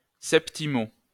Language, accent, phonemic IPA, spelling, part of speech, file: French, France, /sɛp.ti.mo/, 7o, adverb, LL-Q150 (fra)-7o.wav
- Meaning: 7th (abbreviation of septimo)